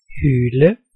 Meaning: 1. to yell 2. to howl 3. to wail 4. to yowl 5. to whine 6. to hoot
- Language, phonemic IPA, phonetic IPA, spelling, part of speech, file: Danish, /hyːlə/, [ˈhyːlə], hyle, verb, Da-hyle.ogg